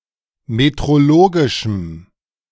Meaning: strong dative masculine/neuter singular of metrologisch
- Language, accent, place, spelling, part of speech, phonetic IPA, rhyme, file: German, Germany, Berlin, metrologischem, adjective, [metʁoˈloːɡɪʃm̩], -oːɡɪʃm̩, De-metrologischem.ogg